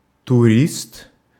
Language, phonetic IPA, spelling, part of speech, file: Russian, [tʊˈrʲist], турист, noun, Ru-турист.ogg
- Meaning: tourist